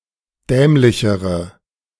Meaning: inflection of dämlich: 1. strong/mixed nominative/accusative feminine singular comparative degree 2. strong nominative/accusative plural comparative degree
- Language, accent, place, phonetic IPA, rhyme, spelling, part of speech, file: German, Germany, Berlin, [ˈdɛːmlɪçəʁə], -ɛːmlɪçəʁə, dämlichere, adjective, De-dämlichere.ogg